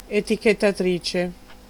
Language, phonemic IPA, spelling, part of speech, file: Italian, /e.ti.ket.taˈtri.t͡ʃe/, etichettatrice, noun, It-etichettatrice.ogg